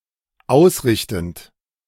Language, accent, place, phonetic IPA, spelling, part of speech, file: German, Germany, Berlin, [ˈaʊ̯sˌʁɪçtn̩t], ausrichtend, verb, De-ausrichtend.ogg
- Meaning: present participle of ausrichten